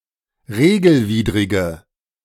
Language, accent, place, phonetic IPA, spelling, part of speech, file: German, Germany, Berlin, [ˈʁeːɡl̩ˌviːdʁɪɡə], regelwidrige, adjective, De-regelwidrige.ogg
- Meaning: inflection of regelwidrig: 1. strong/mixed nominative/accusative feminine singular 2. strong nominative/accusative plural 3. weak nominative all-gender singular